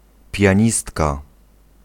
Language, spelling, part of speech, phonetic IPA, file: Polish, pianistka, noun, [pʲjä̃ˈɲistka], Pl-pianistka.ogg